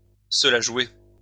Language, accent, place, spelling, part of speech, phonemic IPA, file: French, France, Lyon, se la jouer, verb, /sə la ʒwe/, LL-Q150 (fra)-se la jouer.wav
- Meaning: to give oneself airs, to show off, to be full of oneself